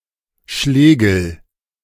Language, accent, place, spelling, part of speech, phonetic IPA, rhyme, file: German, Germany, Berlin, Schlägel, noun, [ˈʃlɛːɡl̩], -ɛːɡl̩, De-Schlägel.ogg
- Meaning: 1. mallet, maul 2. drumstick